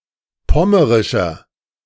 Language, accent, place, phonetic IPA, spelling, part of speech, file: German, Germany, Berlin, [ˈpɔməʁɪʃɐ], pommerischer, adjective, De-pommerischer.ogg
- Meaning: inflection of pommerisch: 1. strong/mixed nominative masculine singular 2. strong genitive/dative feminine singular 3. strong genitive plural